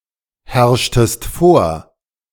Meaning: inflection of vorherrschen: 1. second-person singular preterite 2. second-person singular subjunctive II
- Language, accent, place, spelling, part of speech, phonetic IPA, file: German, Germany, Berlin, herrschtest vor, verb, [ˌhɛʁʃtəst ˈfoːɐ̯], De-herrschtest vor.ogg